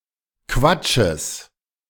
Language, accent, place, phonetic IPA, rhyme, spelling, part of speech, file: German, Germany, Berlin, [ˈkvat͡ʃəs], -at͡ʃəs, Quatsches, noun, De-Quatsches.ogg
- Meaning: genitive of Quatsch